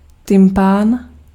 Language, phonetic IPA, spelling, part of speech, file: Czech, [ˈtɪmpaːn], tympán, noun, Cs-tympán.ogg
- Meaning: kettledrum